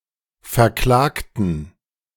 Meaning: inflection of verklagen: 1. first/third-person plural preterite 2. first/third-person plural subjunctive II
- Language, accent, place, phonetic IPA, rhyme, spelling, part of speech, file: German, Germany, Berlin, [fɛɐ̯ˈklaːktn̩], -aːktn̩, verklagten, adjective / verb, De-verklagten.ogg